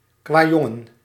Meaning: rascal boy, an imp particularly inclined to mischief
- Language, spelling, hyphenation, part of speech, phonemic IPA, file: Dutch, kwajongen, kwa‧jon‧gen, noun, /kʋaːˈjɔ.ŋə(n)/, Nl-kwajongen.ogg